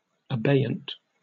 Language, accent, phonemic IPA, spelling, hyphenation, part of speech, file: English, UK, /əˈbeɪ.ənt/, abeyant, abey‧ant, adjective, En-uk-abeyant.oga
- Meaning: Being in a state of abeyance; suspended